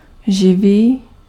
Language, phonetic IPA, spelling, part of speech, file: Czech, [ˈʒɪviː], živý, adjective, Cs-živý.ogg
- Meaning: 1. alive, living 2. lively, vivid, vivacious, animated